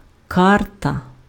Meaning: 1. map (visual representation of an area) 2. card 3. playing card
- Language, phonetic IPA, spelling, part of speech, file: Ukrainian, [ˈkartɐ], карта, noun, Uk-карта.ogg